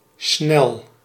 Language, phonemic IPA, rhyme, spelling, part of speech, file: Dutch, /snɛl/, -ɛl, snel, adjective / verb, Nl-snel.ogg
- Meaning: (adjective) fast, quick, rapid; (verb) inflection of snellen: 1. first-person singular present indicative 2. second-person singular present indicative 3. imperative